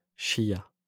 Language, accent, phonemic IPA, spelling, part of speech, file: French, France, /ʃja/, chia, verb, LL-Q150 (fra)-chia.wav
- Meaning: third-person singular past historic of chier